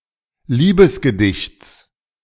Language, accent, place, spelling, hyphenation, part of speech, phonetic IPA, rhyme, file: German, Germany, Berlin, Liebesgedichts, Lie‧bes‧ge‧dichts, noun, [ˈliːbəsɡəˌdɪçt͡s], -ɪçt͡s, De-Liebesgedichts.ogg
- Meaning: genitive singular of Liebesgedicht